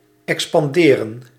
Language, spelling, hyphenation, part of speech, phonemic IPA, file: Dutch, expanderen, ex‧pan‧de‧ren, verb, /ˌɛkspɑnˈdeːrə(n)/, Nl-expanderen.ogg
- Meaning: to expand